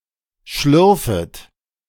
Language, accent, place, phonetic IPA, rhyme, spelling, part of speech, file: German, Germany, Berlin, [ˈʃlʏʁfət], -ʏʁfət, schlürfet, verb, De-schlürfet.ogg
- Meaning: second-person plural subjunctive I of schlürfen